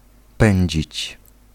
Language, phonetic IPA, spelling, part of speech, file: Polish, [ˈpɛ̃ɲd͡ʑit͡ɕ], pędzić, verb, Pl-pędzić.ogg